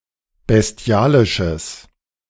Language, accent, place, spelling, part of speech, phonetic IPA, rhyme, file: German, Germany, Berlin, bestialisches, adjective, [bɛsˈti̯aːlɪʃəs], -aːlɪʃəs, De-bestialisches.ogg
- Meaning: strong/mixed nominative/accusative neuter singular of bestialisch